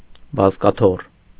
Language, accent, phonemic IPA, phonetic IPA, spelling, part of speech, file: Armenian, Eastern Armenian, /bɑzkɑˈtʰor/, [bɑzkɑtʰór], բազկաթոռ, noun, Hy-բազկաթոռ.ogg
- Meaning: armchair